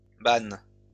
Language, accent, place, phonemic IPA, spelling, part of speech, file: French, France, Lyon, /ban/, banne, noun, LL-Q150 (fra)-banne.wav
- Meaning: 1. tipcart 2. cart used to transport coal 3. wicker basket commonly made of willow branches 4. tarpaulin (sheet of material, often cloth, used as a cover or blanket)